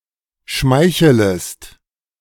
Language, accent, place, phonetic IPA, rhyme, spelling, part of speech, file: German, Germany, Berlin, [ˈʃmaɪ̯çələst], -aɪ̯çələst, schmeichelest, verb, De-schmeichelest.ogg
- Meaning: second-person singular subjunctive I of schmeicheln